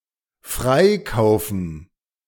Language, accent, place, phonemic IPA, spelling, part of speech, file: German, Germany, Berlin, /ˈfraɪ̯kaʊ̯fən/, freikaufen, verb, De-freikaufen.ogg
- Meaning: to ransom